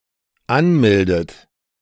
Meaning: inflection of anmelden: 1. third-person singular dependent present 2. second-person plural dependent present 3. second-person plural dependent subjunctive I
- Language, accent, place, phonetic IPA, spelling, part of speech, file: German, Germany, Berlin, [ˈanˌmɛldət], anmeldet, verb, De-anmeldet.ogg